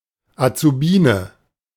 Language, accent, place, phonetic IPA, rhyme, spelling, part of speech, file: German, Germany, Berlin, [at͡suˈbiːnə], -iːnə, Azubiene, noun, De-Azubiene.ogg
- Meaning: alternative form of Azubine